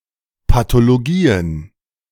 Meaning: plural of Pathologie
- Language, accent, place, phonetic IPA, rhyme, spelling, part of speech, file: German, Germany, Berlin, [patoloˈɡiːən], -iːən, Pathologien, noun, De-Pathologien.ogg